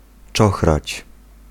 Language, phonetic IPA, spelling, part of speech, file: Polish, [ˈt͡ʃɔxrat͡ɕ], czochrać, verb, Pl-czochrać.ogg